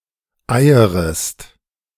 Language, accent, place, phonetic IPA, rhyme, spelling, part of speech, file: German, Germany, Berlin, [ˈaɪ̯əʁəst], -aɪ̯əʁəst, eierest, verb, De-eierest.ogg
- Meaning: second-person singular subjunctive I of eiern